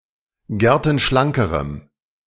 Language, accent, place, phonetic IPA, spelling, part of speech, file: German, Germany, Berlin, [ˈɡɛʁtn̩ˌʃlaŋkəʁəm], gertenschlankerem, adjective, De-gertenschlankerem.ogg
- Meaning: strong dative masculine/neuter singular comparative degree of gertenschlank